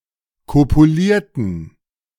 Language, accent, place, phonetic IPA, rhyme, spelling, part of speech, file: German, Germany, Berlin, [ˌkopuˈliːɐ̯tn̩], -iːɐ̯tn̩, kopulierten, adjective / verb, De-kopulierten.ogg
- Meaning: inflection of kopulieren: 1. first/third-person plural preterite 2. first/third-person plural subjunctive II